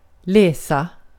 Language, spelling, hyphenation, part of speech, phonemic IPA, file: Swedish, läsa, lä‧sa, verb, /ˈlɛːˌsa/, Sv-läsa.ogg
- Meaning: 1. to read (text) 2. to study, to read (usually at university) 3. to read (interpret, more generally)